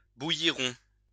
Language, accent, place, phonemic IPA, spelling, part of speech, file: French, France, Lyon, /bu.ji.ʁɔ̃/, bouillirons, verb, LL-Q150 (fra)-bouillirons.wav
- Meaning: first-person plural future of bouillir